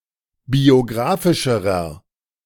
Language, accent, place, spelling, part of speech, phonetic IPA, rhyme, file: German, Germany, Berlin, biographischerer, adjective, [bioˈɡʁaːfɪʃəʁɐ], -aːfɪʃəʁɐ, De-biographischerer.ogg
- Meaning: inflection of biographisch: 1. strong/mixed nominative masculine singular comparative degree 2. strong genitive/dative feminine singular comparative degree 3. strong genitive plural comparative degree